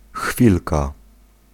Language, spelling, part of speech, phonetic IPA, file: Polish, chwilka, noun, [ˈxfʲilka], Pl-chwilka.ogg